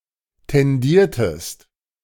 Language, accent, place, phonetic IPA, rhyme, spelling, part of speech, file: German, Germany, Berlin, [tɛnˈdiːɐ̯təst], -iːɐ̯təst, tendiertest, verb, De-tendiertest.ogg
- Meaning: inflection of tendieren: 1. second-person singular preterite 2. second-person singular subjunctive II